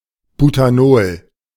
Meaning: butanol (C₄H₉OH; C₄H₁₀O)
- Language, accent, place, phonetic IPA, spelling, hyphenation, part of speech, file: German, Germany, Berlin, [butaˈnoːl], Butanol, Bu‧ta‧nol, noun, De-Butanol.ogg